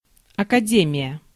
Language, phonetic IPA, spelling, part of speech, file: Russian, [ɐkɐˈdʲemʲɪjə], академия, noun, Ru-академия.ogg
- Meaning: 1. academy 2. college